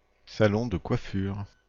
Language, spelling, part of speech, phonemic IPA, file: French, salon de coiffure, noun, /sa.lɔ̃ də kwa.fyʁ/, Fr-salon de coiffure.ogg
- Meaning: hair salon; barbershop